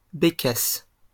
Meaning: woodcock (any of several wading birds in the genus Scolopax, of the family Scolopacidae, characterised by a long slender bill and cryptic brown and blackish plumage)
- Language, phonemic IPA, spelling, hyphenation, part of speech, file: French, /be.kas/, bécasse, bé‧casse, noun, LL-Q150 (fra)-bécasse.wav